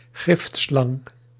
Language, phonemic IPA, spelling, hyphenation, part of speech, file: Dutch, /ˈɣɪft.slɑŋ/, giftslang, gift‧slang, noun, Nl-giftslang.ogg
- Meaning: dated form of gifslang